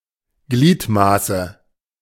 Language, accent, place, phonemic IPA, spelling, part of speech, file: German, Germany, Berlin, /ˈɡliːtˌmaːsə/, Gliedmaße, noun, De-Gliedmaße.ogg
- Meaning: limb